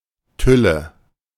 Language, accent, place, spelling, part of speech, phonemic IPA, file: German, Germany, Berlin, Tülle, noun, /ˈtʏlə/, De-Tülle.ogg
- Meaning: nominative/accusative/genitive plural of Tüll